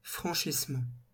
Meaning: 1. the act of crossing (e.g. a road, a river) 2. the act of clearing (e.g. an obstacle)
- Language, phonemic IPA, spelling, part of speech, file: French, /fʁɑ̃.ʃis.mɑ̃/, franchissement, noun, LL-Q150 (fra)-franchissement.wav